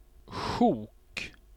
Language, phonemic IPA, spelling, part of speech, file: Swedish, /ɧuːk/, sjok, noun, Sv-sjok.ogg
- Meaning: 1. a chunk, a piece; a large (shapeless) mass of some soft material, such as fabric or snow 2. a large mass of something abstract, such as writing 3. a swath; a broad sweep